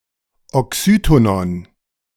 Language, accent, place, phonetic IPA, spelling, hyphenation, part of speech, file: German, Germany, Berlin, [ɔˈksyːtonɔn], Oxytonon, Oxy‧to‧non, noun, De-Oxytonon.ogg
- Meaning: oxytone